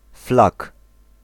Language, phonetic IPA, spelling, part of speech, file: Polish, [flak], flak, noun, Pl-flak.ogg